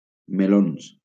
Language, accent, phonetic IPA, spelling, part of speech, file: Catalan, Valencia, [meˈlons], melons, noun, LL-Q7026 (cat)-melons.wav
- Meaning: plural of meló